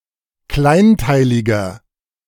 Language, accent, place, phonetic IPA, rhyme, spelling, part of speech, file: German, Germany, Berlin, [ˈklaɪ̯nˌtaɪ̯lɪɡɐ], -aɪ̯ntaɪ̯lɪɡɐ, kleinteiliger, adjective, De-kleinteiliger.ogg
- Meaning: 1. comparative degree of kleinteilig 2. inflection of kleinteilig: strong/mixed nominative masculine singular 3. inflection of kleinteilig: strong genitive/dative feminine singular